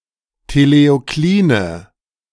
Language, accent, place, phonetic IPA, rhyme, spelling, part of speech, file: German, Germany, Berlin, [teleoˈkliːnə], -iːnə, teleokline, adjective, De-teleokline.ogg
- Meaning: inflection of teleoklin: 1. strong/mixed nominative/accusative feminine singular 2. strong nominative/accusative plural 3. weak nominative all-gender singular